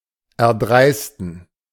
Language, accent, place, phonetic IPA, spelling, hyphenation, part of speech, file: German, Germany, Berlin, [ɛɐ̯ˈdʁaɪ̯stn̩], erdreisten, er‧dreis‧ten, verb, De-erdreisten.ogg
- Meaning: to dare; to have the audacity